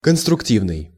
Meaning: 1. constructive (helpful) 2. construction, constructive
- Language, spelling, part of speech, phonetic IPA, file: Russian, конструктивный, adjective, [kənstrʊkˈtʲivnɨj], Ru-конструктивный.ogg